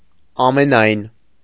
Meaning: all, entire
- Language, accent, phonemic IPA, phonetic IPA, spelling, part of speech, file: Armenian, Eastern Armenian, /ɑmeˈnɑjn/, [ɑmenɑ́jn], ամենայն, pronoun, Hy-ամենայն.ogg